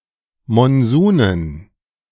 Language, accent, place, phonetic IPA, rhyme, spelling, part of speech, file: German, Germany, Berlin, [mɔnˈzuːnən], -uːnən, Monsunen, noun, De-Monsunen.ogg
- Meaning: dative plural of Monsun